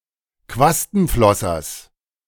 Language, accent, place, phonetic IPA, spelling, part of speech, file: German, Germany, Berlin, [ˈkvastn̩ˌflɔsɐs], Quastenflossers, noun, De-Quastenflossers.ogg
- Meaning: genitive singular of Quastenflosser